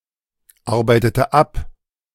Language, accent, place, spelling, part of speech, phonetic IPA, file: German, Germany, Berlin, arbeitete ab, verb, [ˌaʁbaɪ̯tətə ˈap], De-arbeitete ab.ogg
- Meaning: inflection of abarbeiten: 1. first/third-person singular preterite 2. first/third-person singular subjunctive II